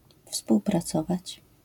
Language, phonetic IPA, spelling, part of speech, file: Polish, [ˌfspuwpraˈt͡sɔvat͡ɕ], współpracować, verb, LL-Q809 (pol)-współpracować.wav